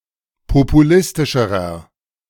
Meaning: inflection of populistisch: 1. strong/mixed nominative masculine singular comparative degree 2. strong genitive/dative feminine singular comparative degree 3. strong genitive plural comparative degree
- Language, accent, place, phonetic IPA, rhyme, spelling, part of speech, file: German, Germany, Berlin, [popuˈlɪstɪʃəʁɐ], -ɪstɪʃəʁɐ, populistischerer, adjective, De-populistischerer.ogg